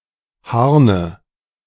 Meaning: inflection of harnen: 1. first-person singular present 2. first/third-person singular subjunctive I 3. singular imperative
- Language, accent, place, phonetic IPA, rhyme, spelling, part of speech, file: German, Germany, Berlin, [ˈhaʁnə], -aʁnə, harne, verb, De-harne.ogg